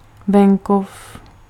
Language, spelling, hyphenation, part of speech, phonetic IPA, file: Czech, venkov, ven‧kov, noun, [ˈvɛŋkof], Cs-venkov.ogg
- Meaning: country (rural area)